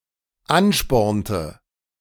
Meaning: inflection of anspornen: 1. first/third-person singular dependent preterite 2. first/third-person singular dependent subjunctive II
- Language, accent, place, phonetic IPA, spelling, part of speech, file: German, Germany, Berlin, [ˈanˌʃpɔʁntə], anspornte, verb, De-anspornte.ogg